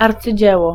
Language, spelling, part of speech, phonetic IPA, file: Polish, arcydzieło, noun, [ˌart͡sɨˈd͡ʑɛwɔ], Pl-arcydzieło.ogg